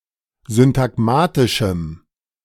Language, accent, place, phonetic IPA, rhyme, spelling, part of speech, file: German, Germany, Berlin, [zʏntaˈɡmaːtɪʃm̩], -aːtɪʃm̩, syntagmatischem, adjective, De-syntagmatischem.ogg
- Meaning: strong dative masculine/neuter singular of syntagmatisch